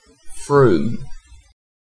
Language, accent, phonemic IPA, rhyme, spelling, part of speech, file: English, UK, /ˈfɹuːm/, -uːm, Frome, proper noun, En-uk-Frome.ogg
- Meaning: 1. A town and civil parish with a town council in Somerset, England, previously in Mendip district (OS grid ref ST7848) 2. A river in Dorset, England, that serves Dorchester